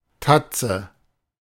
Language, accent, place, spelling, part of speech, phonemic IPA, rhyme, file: German, Germany, Berlin, Tatze, noun, /ˈtat͡sə/, -atsə, De-Tatze.ogg
- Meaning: paw of larger animals, especially bears